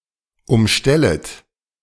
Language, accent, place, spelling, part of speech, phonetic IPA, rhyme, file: German, Germany, Berlin, umstellet, verb, [ʊmˈʃtɛlət], -ɛlət, De-umstellet.ogg
- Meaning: second-person plural subjunctive I of umstellen